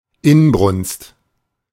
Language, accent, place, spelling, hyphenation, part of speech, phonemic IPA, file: German, Germany, Berlin, Inbrunst, In‧brunst, noun, /ˈɪnbʁʊnst/, De-Inbrunst.ogg
- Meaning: ardor, fervor